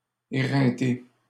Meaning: 1. to wear out, to exhaust 2. to criticize strongly 3. to wear oneself out
- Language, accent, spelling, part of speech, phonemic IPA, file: French, Canada, éreinter, verb, /e.ʁɛ̃.te/, LL-Q150 (fra)-éreinter.wav